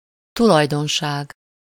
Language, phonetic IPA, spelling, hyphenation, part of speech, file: Hungarian, [ˈtulɒjdonʃaːɡ], tulajdonság, tu‧laj‧don‧ság, noun, Hu-tulajdonság.ogg
- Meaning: property (attribute or abstract quality associated with an object, individual or concept)